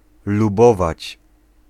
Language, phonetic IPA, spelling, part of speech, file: Polish, [luˈbɔvat͡ɕ], lubować, verb, Pl-lubować.ogg